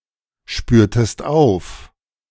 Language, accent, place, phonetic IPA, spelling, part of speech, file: German, Germany, Berlin, [ˌʃpyːɐ̯təst ˈaʊ̯f], spürtest auf, verb, De-spürtest auf.ogg
- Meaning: inflection of aufspüren: 1. second-person singular preterite 2. second-person singular subjunctive II